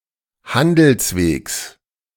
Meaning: genitive singular of Handelsweg
- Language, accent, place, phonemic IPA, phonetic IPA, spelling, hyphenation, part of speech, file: German, Germany, Berlin, /ˈhandəlsˌveːks/, [ˈhandl̩sˌveːks], Handelswegs, Han‧dels‧wegs, noun, De-Handelswegs.ogg